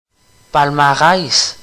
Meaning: 1. prize list; list of winners 2. record of achievements
- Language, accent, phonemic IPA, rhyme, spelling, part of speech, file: French, Canada, /pal.ma.ʁɛs/, -ɛs, palmarès, noun, Qc-palmarès.ogg